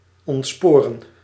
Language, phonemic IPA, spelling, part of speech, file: Dutch, /ˌɔntˈspoː.rə(n)/, ontsporen, verb, Nl-ontsporen.ogg
- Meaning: to derail